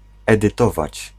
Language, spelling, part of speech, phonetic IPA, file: Polish, edytować, verb, [ˌɛdɨˈtɔvat͡ɕ], Pl-edytować.ogg